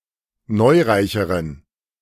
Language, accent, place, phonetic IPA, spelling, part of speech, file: German, Germany, Berlin, [ˈnɔɪ̯ˌʁaɪ̯çəʁən], neureicheren, adjective, De-neureicheren.ogg
- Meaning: inflection of neureich: 1. strong genitive masculine/neuter singular comparative degree 2. weak/mixed genitive/dative all-gender singular comparative degree